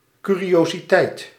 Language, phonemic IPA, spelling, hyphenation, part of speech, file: Dutch, /ˌkyː.ri.oː.ziˈtɛi̯t/, curiositeit, cu‧ri‧o‧si‧teit, noun, Nl-curiositeit.ogg
- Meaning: curiosity (unique or extraordinary object)